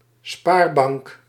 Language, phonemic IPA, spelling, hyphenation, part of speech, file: Dutch, /ˈspaːr.bɑŋk/, spaarbank, spaar‧bank, noun, Nl-spaarbank.ogg
- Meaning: savings bank